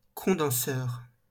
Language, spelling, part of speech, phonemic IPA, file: French, condenseur, noun, /kɔ̃.dɑ̃.sœʁ/, LL-Q150 (fra)-condenseur.wav
- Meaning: condenser (device to convert gas to liquid)